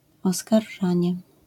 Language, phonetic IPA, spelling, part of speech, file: Polish, [ˌɔskarˈʒãɲɛ], oskarżanie, noun, LL-Q809 (pol)-oskarżanie.wav